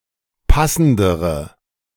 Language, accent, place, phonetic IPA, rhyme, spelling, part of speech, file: German, Germany, Berlin, [ˈpasn̩dəʁə], -asn̩dəʁə, passendere, adjective, De-passendere.ogg
- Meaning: inflection of passend: 1. strong/mixed nominative/accusative feminine singular comparative degree 2. strong nominative/accusative plural comparative degree